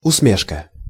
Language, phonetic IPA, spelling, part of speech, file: Russian, [ʊsˈmʲeʂkə], усмешка, noun, Ru-усмешка.ogg
- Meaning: 1. ironic smile 2. wry grin